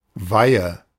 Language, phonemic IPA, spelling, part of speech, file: German, /vaɪ̯ə/, Weihe, noun, De-Weihe.ogg
- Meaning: 1. consecration, any act or procession of making a thing or situation holy 2. ordination (Catholic and Orthodox sacrament)